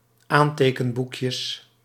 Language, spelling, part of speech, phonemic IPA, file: Dutch, aantekenboekjes, noun, /ˈantekəmˌbukjəs/, Nl-aantekenboekjes.ogg
- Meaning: plural of aantekenboekje